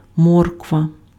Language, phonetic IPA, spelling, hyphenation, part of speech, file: Ukrainian, [ˈmɔrkʋɐ], морква, морк‧ва, noun, Uk-морква.ogg
- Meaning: carrots (roots of the plant used for eating)